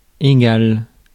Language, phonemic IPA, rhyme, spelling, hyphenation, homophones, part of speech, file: French, /e.ɡal/, -al, égal, é‧gal, égale / égales, adjective, Fr-égal.ogg
- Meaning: 1. equal 2. indifferent, of no importance to